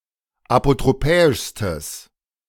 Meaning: strong/mixed nominative/accusative neuter singular superlative degree of apotropäisch
- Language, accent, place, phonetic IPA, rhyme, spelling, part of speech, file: German, Germany, Berlin, [apotʁoˈpɛːɪʃstəs], -ɛːɪʃstəs, apotropäischstes, adjective, De-apotropäischstes.ogg